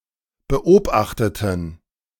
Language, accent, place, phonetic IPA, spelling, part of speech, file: German, Germany, Berlin, [bəˈʔoːbaxtətn̩], beobachteten, adjective / verb, De-beobachteten.ogg
- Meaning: inflection of beobachten: 1. first/third-person plural preterite 2. first/third-person plural subjunctive II